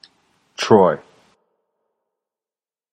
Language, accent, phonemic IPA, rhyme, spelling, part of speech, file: English, General American, /tɹɔɪ/, -ɔɪ, Troy, proper noun, En-us-Troy.flac
- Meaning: 1. An ancient city in what is now northwestern Turkey 2. A male given name 3. A number of places in the United States: A city, the county seat of Pike County, Alabama